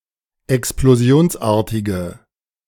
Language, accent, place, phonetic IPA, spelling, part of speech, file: German, Germany, Berlin, [ɛksploˈzi̯oːnsˌʔaːɐ̯tɪɡə], explosionsartige, adjective, De-explosionsartige.ogg
- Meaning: inflection of explosionsartig: 1. strong/mixed nominative/accusative feminine singular 2. strong nominative/accusative plural 3. weak nominative all-gender singular